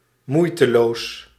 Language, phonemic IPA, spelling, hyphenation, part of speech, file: Dutch, /ˈmui̯.təˌloːs/, moeiteloos, moei‧te‧loos, adjective / adverb, Nl-moeiteloos.ogg
- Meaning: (adjective) effortless; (adverb) effortlessly